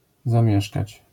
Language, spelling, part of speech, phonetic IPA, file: Polish, zamieszkać, verb, [zãˈmʲjɛʃkat͡ɕ], LL-Q809 (pol)-zamieszkać.wav